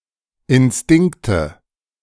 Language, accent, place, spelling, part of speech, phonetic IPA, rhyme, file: German, Germany, Berlin, Instinkte, noun, [ɪnˈstɪŋktə], -ɪŋktə, De-Instinkte.ogg
- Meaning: nominative/accusative/genitive plural of Instinkt